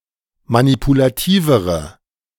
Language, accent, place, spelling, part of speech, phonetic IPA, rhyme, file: German, Germany, Berlin, manipulativere, adjective, [manipulaˈtiːvəʁə], -iːvəʁə, De-manipulativere.ogg
- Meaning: inflection of manipulativ: 1. strong/mixed nominative/accusative feminine singular comparative degree 2. strong nominative/accusative plural comparative degree